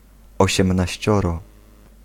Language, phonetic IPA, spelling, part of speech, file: Polish, [ˌɔɕɛ̃mnaɕˈt͡ɕɔrɔ], osiemnaścioro, numeral, Pl-osiemnaścioro.ogg